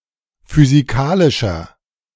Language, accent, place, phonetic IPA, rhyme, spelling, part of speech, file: German, Germany, Berlin, [fyziˈkaːlɪʃɐ], -aːlɪʃɐ, physikalischer, adjective, De-physikalischer.ogg
- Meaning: inflection of physikalisch: 1. strong/mixed nominative masculine singular 2. strong genitive/dative feminine singular 3. strong genitive plural